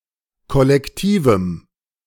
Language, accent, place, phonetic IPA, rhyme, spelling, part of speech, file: German, Germany, Berlin, [ˌkɔlɛkˈtiːvm̩], -iːvm̩, kollektivem, adjective, De-kollektivem.ogg
- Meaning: strong dative masculine/neuter singular of kollektiv